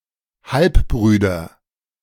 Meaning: nominative/accusative/genitive plural of Halbbruder
- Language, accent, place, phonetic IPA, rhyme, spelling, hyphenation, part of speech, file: German, Germany, Berlin, [ˈhalpˌbʁyːdɐ], -yːdɐ, Halbbrüder, Halb‧brü‧der, noun, De-Halbbrüder.ogg